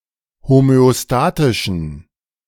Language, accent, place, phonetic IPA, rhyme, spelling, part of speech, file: German, Germany, Berlin, [homøoˈstaːtɪʃn̩], -aːtɪʃn̩, homöostatischen, adjective, De-homöostatischen.ogg
- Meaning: inflection of homöostatisch: 1. strong genitive masculine/neuter singular 2. weak/mixed genitive/dative all-gender singular 3. strong/weak/mixed accusative masculine singular 4. strong dative plural